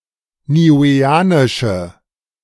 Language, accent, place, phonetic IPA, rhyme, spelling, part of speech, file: German, Germany, Berlin, [niːˌuːeːˈaːnɪʃə], -aːnɪʃə, niueanische, adjective, De-niueanische.ogg
- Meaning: inflection of niueanisch: 1. strong/mixed nominative/accusative feminine singular 2. strong nominative/accusative plural 3. weak nominative all-gender singular